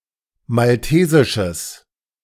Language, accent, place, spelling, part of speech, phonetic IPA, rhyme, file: German, Germany, Berlin, maltesisches, adjective, [malˈteːzɪʃəs], -eːzɪʃəs, De-maltesisches.ogg
- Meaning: strong/mixed nominative/accusative neuter singular of maltesisch